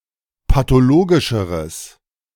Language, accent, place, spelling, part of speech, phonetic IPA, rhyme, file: German, Germany, Berlin, pathologischeres, adjective, [patoˈloːɡɪʃəʁəs], -oːɡɪʃəʁəs, De-pathologischeres.ogg
- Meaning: strong/mixed nominative/accusative neuter singular comparative degree of pathologisch